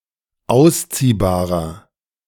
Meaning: inflection of ausziehbar: 1. strong/mixed nominative masculine singular 2. strong genitive/dative feminine singular 3. strong genitive plural
- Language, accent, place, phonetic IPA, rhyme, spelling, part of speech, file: German, Germany, Berlin, [ˈaʊ̯sˌt͡siːbaːʁɐ], -aʊ̯st͡siːbaːʁɐ, ausziehbarer, adjective, De-ausziehbarer.ogg